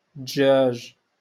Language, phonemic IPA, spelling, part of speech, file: Moroccan Arabic, /dʒaːʒ/, دجاج, noun, LL-Q56426 (ary)-دجاج.wav
- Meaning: poultry, chickens